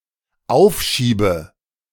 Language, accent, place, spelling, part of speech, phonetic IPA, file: German, Germany, Berlin, aufschiebe, verb, [ˈaʊ̯fˌʃiːbə], De-aufschiebe.ogg
- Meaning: inflection of aufschieben: 1. first-person singular dependent present 2. first/third-person singular dependent subjunctive I